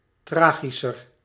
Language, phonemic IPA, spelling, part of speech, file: Dutch, /ˈtraːɣisər/, tragischer, adjective, Nl-tragischer.ogg
- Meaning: comparative degree of tragisch